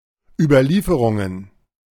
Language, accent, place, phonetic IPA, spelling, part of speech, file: German, Germany, Berlin, [ˌyːbɐˈliːfəʁʊŋən], Überlieferungen, noun, De-Überlieferungen.ogg
- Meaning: plural of Überlieferung